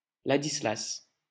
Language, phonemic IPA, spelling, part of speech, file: French, /la.di.slas/, Ladislas, proper noun, LL-Q150 (fra)-Ladislas.wav
- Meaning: a male given name, equivalent to English Ladislaus